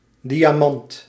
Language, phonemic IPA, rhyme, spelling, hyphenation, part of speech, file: Dutch, /ˌdi.aːˈmɑnt/, -ɑnt, diamant, di‧a‧mant, noun, Nl-diamant.ogg
- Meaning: 1. diamond (substance) 2. a diamond 3. the size of type between kwart cicero (excelsior) and parel, equivalent to English brilliant and standardized as 4 point